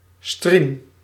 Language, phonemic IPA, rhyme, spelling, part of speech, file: Dutch, /striːm/, -im, striem, verb, Nl-striem.ogg
- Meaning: inflection of striemen: 1. first-person singular present indicative 2. second-person singular present indicative 3. imperative